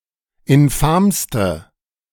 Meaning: inflection of infam: 1. strong/mixed nominative/accusative feminine singular superlative degree 2. strong nominative/accusative plural superlative degree
- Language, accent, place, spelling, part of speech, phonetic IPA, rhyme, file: German, Germany, Berlin, infamste, adjective, [ɪnˈfaːmstə], -aːmstə, De-infamste.ogg